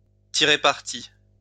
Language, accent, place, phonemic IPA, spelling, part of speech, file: French, France, Lyon, /ti.ʁe paʁ.ti/, tirer parti, verb, LL-Q150 (fra)-tirer parti.wav
- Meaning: to take advantage of, to make the most of, to cash in on, to turn to good account